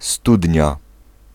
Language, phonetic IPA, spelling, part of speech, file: Polish, [ˈstudʲɲa], studnia, noun, Pl-studnia.ogg